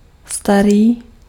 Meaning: 1. old (of an object) 2. old (of a being)
- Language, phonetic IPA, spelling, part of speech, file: Czech, [ˈstariː], starý, adjective, Cs-starý.ogg